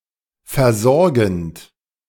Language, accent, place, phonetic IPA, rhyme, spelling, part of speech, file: German, Germany, Berlin, [fɛɐ̯ˈzɔʁɡn̩t], -ɔʁɡn̩t, versorgend, verb, De-versorgend.ogg
- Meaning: present participle of versorgen